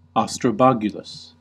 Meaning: Slightly risqué or indecent; bizarre, interesting, or unusual
- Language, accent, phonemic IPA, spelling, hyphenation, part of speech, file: English, US, /ˌɑs.tɹəˈbɑɡ.jə.ləs/, ostrobogulous, os‧tro‧bog‧u‧lous, adjective, En-us-ostrobogulous.ogg